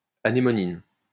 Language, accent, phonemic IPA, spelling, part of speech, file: French, France, /a.ne.mɔ.nin/, anémonine, noun, LL-Q150 (fra)-anémonine.wav
- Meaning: anemonin